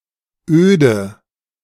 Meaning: 1. wasteland 2. desertedness 3. dreariness, tediousness
- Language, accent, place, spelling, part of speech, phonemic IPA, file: German, Germany, Berlin, Öde, noun, /ˈøːdə/, De-Öde.ogg